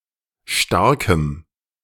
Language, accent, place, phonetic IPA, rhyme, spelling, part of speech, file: German, Germany, Berlin, [ˈʃtaʁkəm], -aʁkəm, starkem, adjective, De-starkem.ogg
- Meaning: strong dative masculine/neuter singular of stark